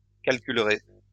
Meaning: second-person plural future of calculer
- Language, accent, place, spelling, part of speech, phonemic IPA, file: French, France, Lyon, calculerez, verb, /kal.kyl.ʁe/, LL-Q150 (fra)-calculerez.wav